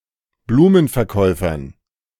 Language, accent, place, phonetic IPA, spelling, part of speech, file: German, Germany, Berlin, [ˈbluːmənfɛɐ̯ˌkɔɪ̯fɐn], Blumenverkäufern, noun, De-Blumenverkäufern.ogg
- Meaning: dative plural of Blumenverkäufer